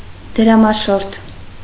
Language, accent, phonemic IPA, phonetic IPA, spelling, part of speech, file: Armenian, Eastern Armenian, /d(ə)ɾɑmɑˈʃoɾtʰ/, [d(ə)ɾɑmɑʃóɾtʰ], դրամաշորթ, noun, Hy-դրամաշորթ.ogg
- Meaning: extortionist, extortioner (of money)